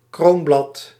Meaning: petal
- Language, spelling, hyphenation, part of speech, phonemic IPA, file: Dutch, kroonblad, kroon‧blad, noun, /ˈkroːn.blɑt/, Nl-kroonblad.ogg